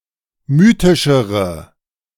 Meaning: inflection of mythisch: 1. strong/mixed nominative/accusative feminine singular comparative degree 2. strong nominative/accusative plural comparative degree
- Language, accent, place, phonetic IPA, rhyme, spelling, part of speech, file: German, Germany, Berlin, [ˈmyːtɪʃəʁə], -yːtɪʃəʁə, mythischere, adjective, De-mythischere.ogg